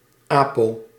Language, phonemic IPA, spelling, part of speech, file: Dutch, /ˈaː.poː/, apo-, prefix, Nl-apo-.ogg
- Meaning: apo-